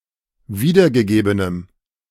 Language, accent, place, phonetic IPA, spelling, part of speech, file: German, Germany, Berlin, [ˈviːdɐɡəˌɡeːbənəm], wiedergegebenem, adjective, De-wiedergegebenem.ogg
- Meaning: strong dative masculine/neuter singular of wiedergegeben